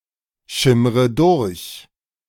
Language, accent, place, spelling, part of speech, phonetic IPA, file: German, Germany, Berlin, schimmre durch, verb, [ˌʃɪmʁə ˈdʊʁç], De-schimmre durch.ogg
- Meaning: inflection of durchschimmern: 1. first-person singular present 2. first/third-person singular subjunctive I 3. singular imperative